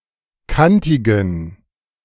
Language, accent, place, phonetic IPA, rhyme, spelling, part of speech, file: German, Germany, Berlin, [ˈkantɪɡn̩], -antɪɡn̩, kantigen, adjective, De-kantigen.ogg
- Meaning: inflection of kantig: 1. strong genitive masculine/neuter singular 2. weak/mixed genitive/dative all-gender singular 3. strong/weak/mixed accusative masculine singular 4. strong dative plural